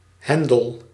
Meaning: lever
- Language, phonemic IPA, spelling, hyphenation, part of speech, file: Dutch, /ˈhɛndəl/, hendel, hen‧del, noun, Nl-hendel.ogg